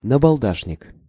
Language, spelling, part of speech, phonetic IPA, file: Russian, набалдашник, noun, [nəbɐɫˈdaʂnʲɪk], Ru-набалдашник.ogg
- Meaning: knob (on the end of a cane or stick)